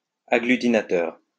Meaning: agglutinatory
- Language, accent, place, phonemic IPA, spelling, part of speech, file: French, France, Lyon, /a.ɡly.ti.na.tœʁ/, agglutinateur, adjective, LL-Q150 (fra)-agglutinateur.wav